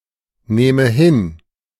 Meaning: inflection of hinnehmen: 1. first-person singular present 2. first/third-person singular subjunctive I
- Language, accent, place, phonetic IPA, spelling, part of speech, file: German, Germany, Berlin, [ˌneːmə ˈhɪn], nehme hin, verb, De-nehme hin.ogg